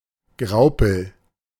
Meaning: graupel; soft hail
- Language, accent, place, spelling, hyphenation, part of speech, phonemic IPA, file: German, Germany, Berlin, Graupel, Grau‧pel, noun, /ˈɡʁaʊ̯pəl/, De-Graupel.ogg